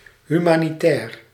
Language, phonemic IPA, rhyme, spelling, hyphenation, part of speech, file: Dutch, /ˌɦy.maː.niˈtɛːr/, -ɛːr, humanitair, hu‧ma‧ni‧tair, adjective, Nl-humanitair.ogg
- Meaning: humanitarian (pertaining to or concerned with human wellbeing)